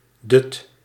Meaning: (noun) a nap; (verb) inflection of dutten: 1. first/second/third-person singular present indicative 2. imperative
- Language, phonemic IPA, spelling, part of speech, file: Dutch, /dʏt/, dut, noun / verb, Nl-dut.ogg